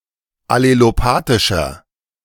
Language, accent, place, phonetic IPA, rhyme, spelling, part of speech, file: German, Germany, Berlin, [aleloˈpaːtɪʃɐ], -aːtɪʃɐ, allelopathischer, adjective, De-allelopathischer.ogg
- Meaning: inflection of allelopathisch: 1. strong/mixed nominative masculine singular 2. strong genitive/dative feminine singular 3. strong genitive plural